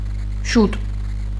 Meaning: 1. early, soon 2. fast, quickly, rapidly 3. long ago, a long time ago
- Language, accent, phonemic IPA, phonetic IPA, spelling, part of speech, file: Armenian, Eastern Armenian, /ʃut/, [ʃut], շուտ, adverb, Hy-շուտ.ogg